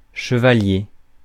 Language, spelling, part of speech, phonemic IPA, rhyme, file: French, chevalier, noun, /ʃə.va.lje/, -je, Fr-chevalier.ogg
- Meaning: 1. knight 2. sandpiper (bird)